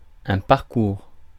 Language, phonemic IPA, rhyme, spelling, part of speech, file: French, /paʁ.kuʁ/, -uʁ, parcours, noun / verb, Fr-parcours.ogg
- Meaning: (noun) 1. route, course 2. career 3. a traditional roaming or grazing right 4. round; course; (verb) inflection of parcourir: first/second-person present indicative